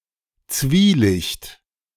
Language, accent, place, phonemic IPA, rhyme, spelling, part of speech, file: German, Germany, Berlin, /ˈtsviːˌlɪçt/, -ɪçt, Zwielicht, noun, De-Zwielicht.ogg
- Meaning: twilight